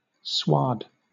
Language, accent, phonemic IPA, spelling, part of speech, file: English, Southern England, /swɔːd/, sward, noun / verb, LL-Q1860 (eng)-sward.wav
- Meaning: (noun) 1. Earth which grass has grown into the upper layer of; greensward, sod, turf; (countable) a portion of such earth 2. An expanse of land covered in grass; a lawn or meadow